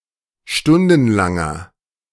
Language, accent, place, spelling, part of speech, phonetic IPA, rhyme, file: German, Germany, Berlin, stundenlanger, adjective, [ˈʃtʊndn̩laŋɐ], -ʊndn̩laŋɐ, De-stundenlanger.ogg
- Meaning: inflection of stundenlang: 1. strong/mixed nominative masculine singular 2. strong genitive/dative feminine singular 3. strong genitive plural